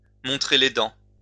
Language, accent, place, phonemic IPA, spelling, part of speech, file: French, France, Lyon, /mɔ̃.tʁe le dɑ̃/, montrer les dents, verb, LL-Q150 (fra)-montrer les dents.wav
- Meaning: to bare one's teeth, to show one's teeth